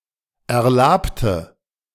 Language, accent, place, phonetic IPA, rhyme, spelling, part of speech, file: German, Germany, Berlin, [ɛɐ̯ˈlaːptə], -aːptə, erlabte, adjective / verb, De-erlabte.ogg
- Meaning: inflection of erlaben: 1. first/third-person singular preterite 2. first/third-person singular subjunctive II